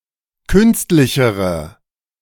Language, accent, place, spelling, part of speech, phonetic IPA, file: German, Germany, Berlin, künstlichere, adjective, [ˈkʏnstlɪçəʁə], De-künstlichere.ogg
- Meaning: inflection of künstlich: 1. strong/mixed nominative/accusative feminine singular comparative degree 2. strong nominative/accusative plural comparative degree